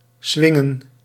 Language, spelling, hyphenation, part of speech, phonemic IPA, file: Dutch, swingen, swin‧gen, verb, /ˈsʋɪ.ŋə(n)/, Nl-swingen.ogg
- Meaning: to swing